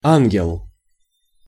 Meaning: 1. angel 2. an innocent 3. dear, darling
- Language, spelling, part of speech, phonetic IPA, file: Russian, ангел, noun, [ˈanɡʲɪɫ], Ru-ангел.ogg